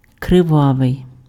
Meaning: 1. bloody 2. blood-stained 3. blood-red 4. sanguinary, murderous 5. passionate, strong (anger, hate, etc.)
- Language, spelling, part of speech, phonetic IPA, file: Ukrainian, кривавий, adjective, [kreˈʋaʋei̯], Uk-кривавий.ogg